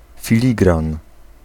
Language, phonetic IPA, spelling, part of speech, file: Polish, [fʲiˈlʲiɡrãn], filigran, noun, Pl-filigran.ogg